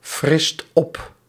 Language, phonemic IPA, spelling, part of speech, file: Dutch, /ˈfrɪst ˈɔp/, frist op, verb, Nl-frist op.ogg
- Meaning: inflection of opfrissen: 1. second/third-person singular present indicative 2. plural imperative